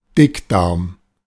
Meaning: colon, large intestine
- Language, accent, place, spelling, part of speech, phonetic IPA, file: German, Germany, Berlin, Dickdarm, noun, [ˈdɪkˌdaʁm], De-Dickdarm.ogg